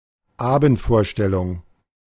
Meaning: evening performance, evening show
- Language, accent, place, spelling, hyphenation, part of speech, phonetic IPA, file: German, Germany, Berlin, Abendvorstellung, Abend‧vor‧stel‧lung, noun, [ˈaːbn̩tˌfoːɐ̯ʃtɛlʊŋ], De-Abendvorstellung.ogg